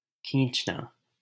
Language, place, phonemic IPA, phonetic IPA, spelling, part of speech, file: Hindi, Delhi, /kʰĩːt͡ʃ.nɑː/, [kʰĩːt͡ʃ.näː], खींचना, verb, LL-Q1568 (hin)-खींचना.wav
- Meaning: 1. to pull 2. to stretch 3. to draw tight 4. to shoot, take a picture